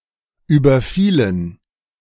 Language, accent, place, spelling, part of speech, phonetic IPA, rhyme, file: German, Germany, Berlin, überfielen, verb, [ˌyːbɐˈfiːlən], -iːlən, De-überfielen.ogg
- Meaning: inflection of überfallen: 1. first/third-person plural preterite 2. first/third-person plural subjunctive II